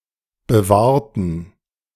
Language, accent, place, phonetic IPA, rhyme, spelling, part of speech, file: German, Germany, Berlin, [bəˈvaːɐ̯tn̩], -aːɐ̯tn̩, bewahrten, adjective / verb, De-bewahrten.ogg
- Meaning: inflection of bewahren: 1. first/third-person plural preterite 2. first/third-person plural subjunctive II